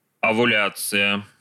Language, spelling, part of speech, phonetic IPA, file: Russian, овуляция, noun, [ɐvʊˈlʲat͡sɨjə], Ru-овуляция.ogg
- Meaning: ovulation